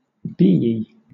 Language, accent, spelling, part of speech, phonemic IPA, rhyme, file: English, Southern England, beey, adjective, /ˈbiːi/, -iːi, LL-Q1860 (eng)-beey.wav
- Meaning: Reminiscent of or containing bees